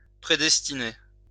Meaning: to predestine
- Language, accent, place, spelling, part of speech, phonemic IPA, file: French, France, Lyon, prédestiner, verb, /pʁe.dɛs.ti.ne/, LL-Q150 (fra)-prédestiner.wav